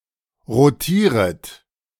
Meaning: second-person plural subjunctive I of rotieren
- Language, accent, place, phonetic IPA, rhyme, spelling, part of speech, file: German, Germany, Berlin, [ʁoˈtiːʁət], -iːʁət, rotieret, verb, De-rotieret.ogg